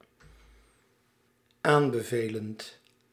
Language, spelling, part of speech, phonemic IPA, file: Dutch, aanbevelend, verb, /ˈambəˌvelənt/, Nl-aanbevelend.ogg
- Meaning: present participle of aanbevelen